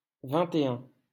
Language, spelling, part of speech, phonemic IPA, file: French, vingt et un, numeral, /vɛ̃.t‿e œ̃/, LL-Q150 (fra)-vingt et un.wav
- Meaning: twenty-one